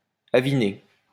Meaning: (verb) past participle of aviner; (adjective) 1. inebriated 2. drunken, of a drunk person
- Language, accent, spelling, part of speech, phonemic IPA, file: French, France, aviné, verb / adjective, /a.vi.ne/, LL-Q150 (fra)-aviné.wav